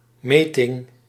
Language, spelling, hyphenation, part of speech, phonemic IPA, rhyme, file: Dutch, meting, me‧ting, noun, /ˈmeː.tɪŋ/, -eːtɪŋ, Nl-meting.ogg
- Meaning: measurement